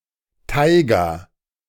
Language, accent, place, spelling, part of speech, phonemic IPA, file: German, Germany, Berlin, Taiga, noun, /ˈtaɪ̯ɡa/, De-Taiga.ogg
- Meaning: taiga (subarctic zone of coniferous forest)